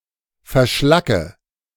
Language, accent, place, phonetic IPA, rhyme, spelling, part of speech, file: German, Germany, Berlin, [fɛɐ̯ˈʃlakə], -akə, verschlacke, verb, De-verschlacke.ogg
- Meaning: inflection of verschlacken: 1. first-person singular present 2. first/third-person singular subjunctive I 3. singular imperative